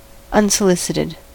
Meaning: Not requested; neither welcomed nor invited
- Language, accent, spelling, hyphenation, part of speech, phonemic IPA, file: English, US, unsolicited, un‧so‧li‧cit‧ed, adjective, /ˌʌnsəˈlɪsɪtɪd/, En-us-unsolicited.ogg